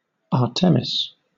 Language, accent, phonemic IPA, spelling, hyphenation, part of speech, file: English, Southern England, /ˈɑː.tə.mɪs/, Artemis, Ar‧te‧mis, proper noun, LL-Q1860 (eng)-Artemis.wav
- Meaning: 1. The Greek goddess of the hunt, wild animals, and wilderness; the daughter of Leto and Zeus; the sister of Apollo 2. A female given name from Ancient Greek, masculine equivalent Artemios